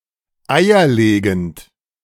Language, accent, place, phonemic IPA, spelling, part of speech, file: German, Germany, Berlin, /ˈaɪ̯ɐˌleːɡənt/, eierlegend, adjective, De-eierlegend.ogg
- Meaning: egg-laying, oviparous